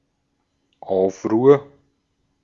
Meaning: 1. uproar 2. turmoil 3. riot
- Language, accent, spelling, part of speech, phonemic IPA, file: German, Austria, Aufruhr, noun, /ˈaʊ̯fˌʁuːɐ̯/, De-at-Aufruhr.ogg